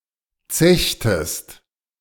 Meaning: inflection of zechen: 1. second-person singular preterite 2. second-person singular subjunctive II
- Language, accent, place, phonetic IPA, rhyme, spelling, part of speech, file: German, Germany, Berlin, [ˈt͡sɛçtəst], -ɛçtəst, zechtest, verb, De-zechtest.ogg